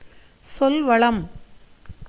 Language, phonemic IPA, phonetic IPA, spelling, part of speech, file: Tamil, /tʃolʋɐɭɐm/, [so̞lʋɐɭɐm], சொல்வளம், noun, Ta-சொல்வளம்.ogg
- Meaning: vocabulary